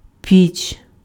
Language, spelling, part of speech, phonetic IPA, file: Ukrainian, піч, noun, [pʲit͡ʃ], Uk-піч.ogg
- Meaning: oven